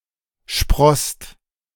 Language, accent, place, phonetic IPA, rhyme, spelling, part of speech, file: German, Germany, Berlin, [ʃpʁɔst], -ɔst, sprosst, verb, De-sprosst.ogg
- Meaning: second-person singular/plural preterite of sprießen